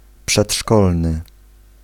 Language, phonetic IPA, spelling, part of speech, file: Polish, [pʃɛṭˈʃkɔlnɨ], przedszkolny, adjective, Pl-przedszkolny.ogg